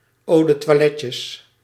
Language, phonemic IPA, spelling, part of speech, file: Dutch, /ˌodətwɑˈlɛcə/, eau de toiletteje, noun, Nl-eau de toiletteje.ogg
- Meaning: diminutive of eau de toilette